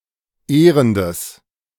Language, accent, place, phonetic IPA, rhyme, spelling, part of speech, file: German, Germany, Berlin, [ˈeːʁəndəs], -eːʁəndəs, ehrendes, adjective, De-ehrendes.ogg
- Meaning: strong/mixed nominative/accusative neuter singular of ehrend